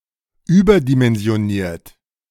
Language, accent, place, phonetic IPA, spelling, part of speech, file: German, Germany, Berlin, [ˈyːbɐdimɛnzi̯oˌniːɐ̯t], überdimensioniert, adjective / verb, De-überdimensioniert.ogg
- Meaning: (verb) past participle of überdimensionieren; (adjective) oversized